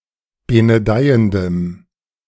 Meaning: strong dative masculine/neuter singular of benedeiend
- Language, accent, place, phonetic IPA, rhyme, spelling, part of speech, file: German, Germany, Berlin, [ˌbenəˈdaɪ̯əndəm], -aɪ̯əndəm, benedeiendem, adjective, De-benedeiendem.ogg